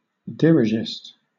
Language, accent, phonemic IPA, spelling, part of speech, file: English, Southern England, /ˌdɪɹɪˈʒɪst/, dirigist, adjective / noun, LL-Q1860 (eng)-dirigist.wav
- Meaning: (adjective) Alternative form of dirigiste